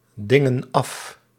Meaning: inflection of afdingen: 1. plural present indicative 2. plural present subjunctive
- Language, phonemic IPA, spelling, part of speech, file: Dutch, /ˈdɪŋə(n) ˈɑf/, dingen af, verb, Nl-dingen af.ogg